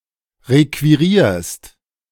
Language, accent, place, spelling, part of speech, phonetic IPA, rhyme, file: German, Germany, Berlin, requirierst, verb, [ˌʁekviˈʁiːɐ̯st], -iːɐ̯st, De-requirierst.ogg
- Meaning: second-person singular present of requirieren